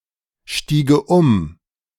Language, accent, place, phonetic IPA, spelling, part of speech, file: German, Germany, Berlin, [ˌʃtiːɡə ˈʊm], stiege um, verb, De-stiege um.ogg
- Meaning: first/third-person singular subjunctive II of umsteigen